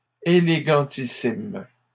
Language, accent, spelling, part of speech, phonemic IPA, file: French, Canada, élégantissimes, adjective, /e.le.ɡɑ̃.ti.sim/, LL-Q150 (fra)-élégantissimes.wav
- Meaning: plural of élégantissime